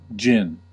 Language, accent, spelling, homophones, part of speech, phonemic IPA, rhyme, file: English, US, djinn, djin / gin / jinn, noun, /d͡ʒɪn/, -ɪn, En-us-djinn.ogg
- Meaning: Alternative spelling of jinn